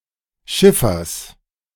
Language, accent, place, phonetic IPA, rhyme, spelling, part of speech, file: German, Germany, Berlin, [ˈʃɪfɐs], -ɪfɐs, Schiffers, noun, De-Schiffers.ogg
- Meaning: genitive of Schiffer